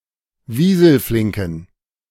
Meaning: inflection of wieselflink: 1. strong genitive masculine/neuter singular 2. weak/mixed genitive/dative all-gender singular 3. strong/weak/mixed accusative masculine singular 4. strong dative plural
- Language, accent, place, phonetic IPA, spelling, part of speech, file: German, Germany, Berlin, [ˈviːzl̩ˌflɪŋkn̩], wieselflinken, adjective, De-wieselflinken.ogg